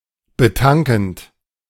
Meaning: present participle of betanken
- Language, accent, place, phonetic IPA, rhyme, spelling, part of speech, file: German, Germany, Berlin, [bəˈtaŋkn̩t], -aŋkn̩t, betankend, verb, De-betankend.ogg